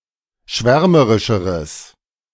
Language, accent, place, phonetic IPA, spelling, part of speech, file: German, Germany, Berlin, [ˈʃvɛʁməʁɪʃəʁəs], schwärmerischeres, adjective, De-schwärmerischeres.ogg
- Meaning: strong/mixed nominative/accusative neuter singular comparative degree of schwärmerisch